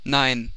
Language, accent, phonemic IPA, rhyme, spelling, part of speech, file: German, Germany, /naɪ̯n/, -aɪ̯n, nein, interjection, CPIDL German - Nein.ogg
- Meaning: no